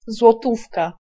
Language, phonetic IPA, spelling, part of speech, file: Polish, [zwɔˈtufka], złotówka, noun, Pl-złotówka.ogg